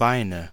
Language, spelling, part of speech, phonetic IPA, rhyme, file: German, Beine, noun, [ˈbaɪ̯nə], -aɪ̯nə, De-Beine.ogg
- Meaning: nominative/accusative/genitive plural of Bein